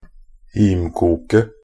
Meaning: definite singular of himkok
- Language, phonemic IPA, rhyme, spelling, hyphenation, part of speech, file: Norwegian Bokmål, /ˈhiːmkuːkə/, -uːkə, himkoket, him‧kok‧et, noun, Nb-himkoket.ogg